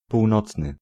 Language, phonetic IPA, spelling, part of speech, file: Polish, [puwˈnɔt͡snɨ], północny, adjective, Pl-północny.ogg